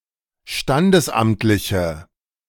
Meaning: inflection of standesamtlich: 1. strong/mixed nominative/accusative feminine singular 2. strong nominative/accusative plural 3. weak nominative all-gender singular
- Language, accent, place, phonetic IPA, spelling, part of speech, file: German, Germany, Berlin, [ˈʃtandəsˌʔamtlɪçə], standesamtliche, adjective, De-standesamtliche.ogg